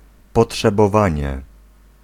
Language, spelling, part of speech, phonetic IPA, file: Polish, potrzebowanie, noun, [ˌpɔṭʃɛbɔˈvãɲɛ], Pl-potrzebowanie.ogg